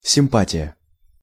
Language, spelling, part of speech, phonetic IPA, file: Russian, симпатия, noun, [sʲɪmˈpatʲɪjə], Ru-симпатия.ogg
- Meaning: 1. favour/favor; attraction; sympathy 2. sweetheart; darling; flame (a person who is liked or desired)